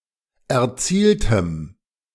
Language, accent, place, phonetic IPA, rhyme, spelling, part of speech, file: German, Germany, Berlin, [ɛɐ̯ˈt͡siːltəm], -iːltəm, erzieltem, adjective, De-erzieltem.ogg
- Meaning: strong dative masculine/neuter singular of erzielt